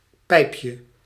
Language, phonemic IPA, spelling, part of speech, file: Dutch, /ˈpɛipjə/, pijpje, noun, Nl-pijpje.ogg
- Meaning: diminutive of pijp